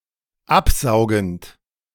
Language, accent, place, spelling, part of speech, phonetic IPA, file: German, Germany, Berlin, absaugend, verb, [ˈapˌzaʊ̯ɡn̩t], De-absaugend.ogg
- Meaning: present participle of absaugen